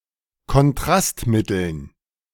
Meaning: dative plural of Kontrastmittel
- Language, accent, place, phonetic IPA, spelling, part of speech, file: German, Germany, Berlin, [kɔnˈtʁastˌmɪtl̩n], Kontrastmitteln, noun, De-Kontrastmitteln.ogg